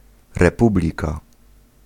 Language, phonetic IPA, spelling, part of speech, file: Polish, [rɛˈpublʲika], republika, noun, Pl-republika.ogg